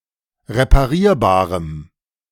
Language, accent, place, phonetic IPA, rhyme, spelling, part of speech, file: German, Germany, Berlin, [ʁepaˈʁiːɐ̯baːʁəm], -iːɐ̯baːʁəm, reparierbarem, adjective, De-reparierbarem.ogg
- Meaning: strong dative masculine/neuter singular of reparierbar